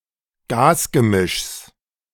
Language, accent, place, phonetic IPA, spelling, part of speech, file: German, Germany, Berlin, [ˈɡaːsɡəˌmɪʃs], Gasgemischs, noun, De-Gasgemischs.ogg
- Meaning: genitive singular of Gasgemisch